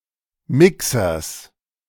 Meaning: genitive singular of Mixer
- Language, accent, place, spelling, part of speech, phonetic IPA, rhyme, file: German, Germany, Berlin, Mixers, noun, [ˈmɪksɐs], -ɪksɐs, De-Mixers.ogg